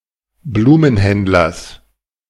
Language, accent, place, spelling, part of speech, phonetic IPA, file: German, Germany, Berlin, Blumenhändlers, noun, [ˈbluːmənˌhɛndlɐs], De-Blumenhändlers.ogg
- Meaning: genitive singular of Blumenhändler